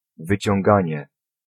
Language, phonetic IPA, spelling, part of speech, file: Polish, [ˌvɨt͡ɕɔ̃ŋˈɡãɲɛ], wyciąganie, noun, Pl-wyciąganie.ogg